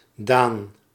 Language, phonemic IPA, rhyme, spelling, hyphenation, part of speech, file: Dutch, /daːn/, -aːn, Daan, Daan, proper noun, Nl-Daan.ogg
- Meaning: a male given name